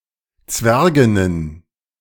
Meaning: plural of Zwergin
- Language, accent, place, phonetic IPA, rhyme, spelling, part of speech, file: German, Germany, Berlin, [ˈt͡svɛʁɡɪnən], -ɛʁɡɪnən, Zwerginnen, noun, De-Zwerginnen.ogg